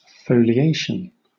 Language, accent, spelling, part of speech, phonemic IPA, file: English, Southern England, foliation, noun, /fəʊlɪˈeɪʃn/, LL-Q1860 (eng)-foliation.wav
- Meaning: 1. The process of forming into a leaf or leaves 2. The process of forming into pages; pagination 3. The numbering of the folios of a manuscript or a book